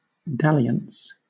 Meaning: 1. Playful flirtation; amorous play 2. An episode of dabbling 3. A wasting of time in idleness or trifles 4. A sexual relationship, not serious but often illicit
- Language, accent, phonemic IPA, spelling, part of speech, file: English, Southern England, /ˈdælɪəns/, dalliance, noun, LL-Q1860 (eng)-dalliance.wav